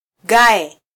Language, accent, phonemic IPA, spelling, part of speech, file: Swahili, Kenya, /ˈɠɑ.ɛ/, gae, noun, Sw-ke-gae.flac
- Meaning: potsherd (broken piece of pottery)